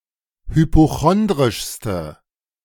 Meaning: inflection of hypochondrisch: 1. strong/mixed nominative/accusative feminine singular superlative degree 2. strong nominative/accusative plural superlative degree
- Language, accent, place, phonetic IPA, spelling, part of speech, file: German, Germany, Berlin, [hypoˈxɔndʁɪʃstə], hypochondrischste, adjective, De-hypochondrischste.ogg